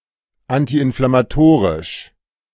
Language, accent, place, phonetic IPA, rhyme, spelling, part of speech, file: German, Germany, Berlin, [antiʔɪnflamaˈtoːʁɪʃ], -oːʁɪʃ, antiinflammatorisch, adjective, De-antiinflammatorisch.ogg
- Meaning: anti-inflammatory